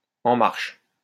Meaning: 1. up, functional, in operation, operational, up and running 2. underway
- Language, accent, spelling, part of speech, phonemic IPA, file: French, France, en marche, prepositional phrase, /ɑ̃ maʁʃ/, LL-Q150 (fra)-en marche.wav